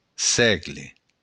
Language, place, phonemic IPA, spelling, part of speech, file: Occitan, Béarn, /ˈsɛɡle/, sègle, noun, LL-Q14185 (oci)-sègle.wav
- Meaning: century (period of 100 years)